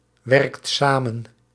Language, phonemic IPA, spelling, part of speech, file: Dutch, /ˈwɛrᵊkt ˈsamə(n)/, werkt samen, verb, Nl-werkt samen.ogg
- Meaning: inflection of samenwerken: 1. second/third-person singular present indicative 2. plural imperative